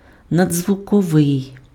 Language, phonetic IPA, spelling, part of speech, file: Ukrainian, [nɐd͡zzwʊkɔˈʋɪi̯], надзвуковий, adjective, Uk-надзвуковий.ogg
- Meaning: supersonic